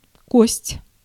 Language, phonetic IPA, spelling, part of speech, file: Russian, [kosʲtʲ], кость, noun, Ru-кость.ogg
- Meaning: 1. bone 2. dice, die